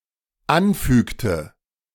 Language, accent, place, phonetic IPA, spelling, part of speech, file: German, Germany, Berlin, [ˈanˌfyːktə], anfügte, verb, De-anfügte.ogg
- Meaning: inflection of anfügen: 1. first/third-person singular dependent preterite 2. first/third-person singular dependent subjunctive II